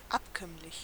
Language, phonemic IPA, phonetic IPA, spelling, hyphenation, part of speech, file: German, /ˈapˌkœmlɪç/, [ˈʔapˌkœmlɪç], abkömmlich, ab‧kömm‧lich, adjective, De-abkömmlich.ogg
- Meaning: dispensable